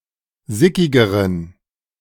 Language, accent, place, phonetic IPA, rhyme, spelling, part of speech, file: German, Germany, Berlin, [ˈzɪkɪɡəʁən], -ɪkɪɡəʁən, sickigeren, adjective, De-sickigeren.ogg
- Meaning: inflection of sickig: 1. strong genitive masculine/neuter singular comparative degree 2. weak/mixed genitive/dative all-gender singular comparative degree